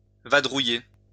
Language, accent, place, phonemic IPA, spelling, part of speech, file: French, France, Lyon, /va.dʁu.je/, vadrouiller, verb, LL-Q150 (fra)-vadrouiller.wav
- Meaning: to gad about, loiter about, wander around